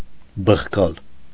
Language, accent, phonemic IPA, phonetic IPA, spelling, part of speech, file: Armenian, Eastern Armenian, /bəχˈkɑl/, [bəχkɑ́l], բխկալ, verb, Hy-բխկալ.ogg
- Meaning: to belch, to burp